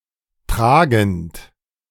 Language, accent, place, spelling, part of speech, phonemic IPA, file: German, Germany, Berlin, tragend, verb / adjective, /traɡnt/, De-tragend.ogg
- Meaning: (verb) present participle of tragen; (adjective) 1. carrying, supporting, bearing 2. pregnant 3. fundamental